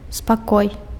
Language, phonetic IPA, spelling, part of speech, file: Belarusian, [spaˈkoj], спакой, noun, Be-спакой.ogg
- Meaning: peace, rest, calm